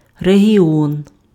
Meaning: region
- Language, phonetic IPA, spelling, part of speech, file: Ukrainian, [reɦʲiˈɔn], регіон, noun, Uk-регіон.ogg